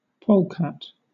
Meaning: Any of several long-bodied mammals of the subfamilies Mustelinae and Ictonychinae, both in the weasel family Mustelidae
- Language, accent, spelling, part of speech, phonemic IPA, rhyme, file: English, Southern England, polecat, noun, /ˈpəʊlkæt/, -əʊlkæt, LL-Q1860 (eng)-polecat.wav